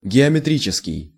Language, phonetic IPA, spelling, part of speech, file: Russian, [ɡʲɪəmʲɪˈtrʲit͡ɕɪskʲɪj], геометрический, adjective, Ru-геометрический.ogg
- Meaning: geometric, geometrical